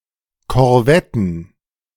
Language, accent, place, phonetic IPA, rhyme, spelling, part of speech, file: German, Germany, Berlin, [kɔʁˈvɛtn̩], -ɛtn̩, Korvetten, noun, De-Korvetten.ogg
- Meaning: plural of Korvette